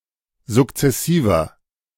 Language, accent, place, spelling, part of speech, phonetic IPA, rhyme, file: German, Germany, Berlin, sukzessiver, adjective, [zʊkt͡sɛˈsiːvɐ], -iːvɐ, De-sukzessiver.ogg
- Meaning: 1. comparative degree of sukzessiv 2. inflection of sukzessiv: strong/mixed nominative masculine singular 3. inflection of sukzessiv: strong genitive/dative feminine singular